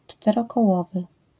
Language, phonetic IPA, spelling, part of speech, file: Polish, [ˌt͡ʃtɛrɔkɔˈwɔvɨ], czterokołowy, adjective, LL-Q809 (pol)-czterokołowy.wav